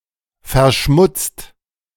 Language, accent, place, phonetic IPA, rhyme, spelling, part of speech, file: German, Germany, Berlin, [fɛɐ̯ˈʃmʊt͡st], -ʊt͡st, verschmutzt, adjective / verb, De-verschmutzt.ogg
- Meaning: 1. past participle of verschmutzen 2. inflection of verschmutzen: second/third-person singular present 3. inflection of verschmutzen: second-person plural present